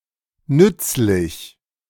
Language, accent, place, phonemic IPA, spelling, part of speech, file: German, Germany, Berlin, /ˈnʏtslɪç/, nützlich, adjective, De-nützlich.ogg
- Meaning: useful; helpful